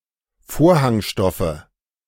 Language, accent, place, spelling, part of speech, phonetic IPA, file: German, Germany, Berlin, Vorhangstoffe, noun, [ˈfoːɐ̯haŋˌʃtɔfə], De-Vorhangstoffe.ogg
- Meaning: nominative/accusative/genitive plural of Vorhangstoff